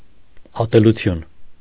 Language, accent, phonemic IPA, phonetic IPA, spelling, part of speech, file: Armenian, Eastern Armenian, /ɑteluˈtʰjun/, [ɑtelut͡sʰjún], ատելություն, noun, Hy-ատելություն.ogg
- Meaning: hate, hatred